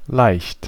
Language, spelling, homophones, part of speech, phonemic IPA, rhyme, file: German, leicht, laicht, adjective / adverb, /laɪ̯çt/, -aɪ̯çt, De-leicht.ogg
- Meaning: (adjective) 1. light (not heavy) 2. easy (not difficult) 3. light, lite, diet (of food which is low in calories) 4. slight; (adverb) 1. slightly 2. easily